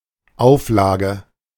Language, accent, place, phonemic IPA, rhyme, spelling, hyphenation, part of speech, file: German, Germany, Berlin, /ˈaʊ̯fˌlaːɡə/, -aːɡə, Auflage, Auf‧la‧ge, noun, De-Auflage.ogg
- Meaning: 1. condition or conditions (for example, as placed on a parolee) 2. edition (a whole set of copies) 3. mintage 4. a layer, usually the topmost one, resting upon something else